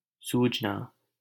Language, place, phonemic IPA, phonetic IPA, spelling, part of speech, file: Hindi, Delhi, /suːd͡ʒ.nɑː/, [suːd͡ʒ.näː], सूजना, verb, LL-Q1568 (hin)-सूजना.wav
- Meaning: to swell, be swollen